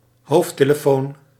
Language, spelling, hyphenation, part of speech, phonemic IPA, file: Dutch, hoofdtelefoon, hoofd‧te‧le‧foon, noun, /ˈɦoːft.teː.ləˌfoːn/, Nl-hoofdtelefoon.ogg
- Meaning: headphone